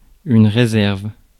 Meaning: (noun) 1. reservation 2. reserve; stock 3. stockroom
- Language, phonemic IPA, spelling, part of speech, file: French, /ʁe.zɛʁv/, réserve, noun / verb, Fr-réserve.ogg